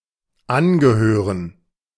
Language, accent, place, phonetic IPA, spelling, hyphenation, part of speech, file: German, Germany, Berlin, [ˈʔanɡəˌhøːʁən], angehören, an‧ge‧hö‧ren, verb, De-angehören.ogg
- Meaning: to belong to